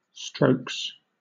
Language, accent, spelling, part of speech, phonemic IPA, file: English, Southern England, strokes, noun / verb, /stɹəʊks/, LL-Q1860 (eng)-strokes.wav
- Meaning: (noun) plural of stroke; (verb) third-person singular simple present indicative of stroke